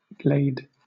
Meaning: 1. An open passage through a wood; a grassy open or cleared space in a forest 2. An everglade 3. An open space in the ice on a river or lake 4. A bright surface of ice or snow 5. A gleam of light
- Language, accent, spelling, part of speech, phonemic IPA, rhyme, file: English, Southern England, glade, noun, /ɡleɪd/, -eɪd, LL-Q1860 (eng)-glade.wav